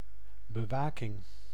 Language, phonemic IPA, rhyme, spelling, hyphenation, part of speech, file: Dutch, /bəˈʋaː.kɪŋ/, -aːkɪŋ, bewaking, be‧wa‧king, noun, Nl-bewaking.ogg
- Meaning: surveillance, watch